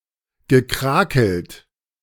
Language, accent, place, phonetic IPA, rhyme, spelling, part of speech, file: German, Germany, Berlin, [ɡəˈkʁaːkl̩t], -aːkl̩t, gekrakelt, verb, De-gekrakelt.ogg
- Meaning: past participle of krakeln